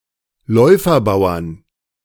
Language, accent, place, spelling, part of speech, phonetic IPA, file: German, Germany, Berlin, Läuferbauern, noun, [ˈlɔɪ̯fɐˌbaʊ̯ɐn], De-Läuferbauern.ogg
- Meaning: 1. genitive/dative/accusative singular of Läuferbauer 2. plural of Läuferbauer